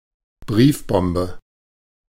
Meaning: letter bomb
- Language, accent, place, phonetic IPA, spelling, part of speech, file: German, Germany, Berlin, [ˈbʁiːfˌbɔmbə], Briefbombe, noun, De-Briefbombe.ogg